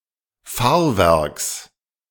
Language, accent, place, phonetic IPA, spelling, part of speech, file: German, Germany, Berlin, [ˈfaːɐ̯ˌvɛʁks], Fahrwerks, noun, De-Fahrwerks.ogg
- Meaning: genitive singular of Fahrwerk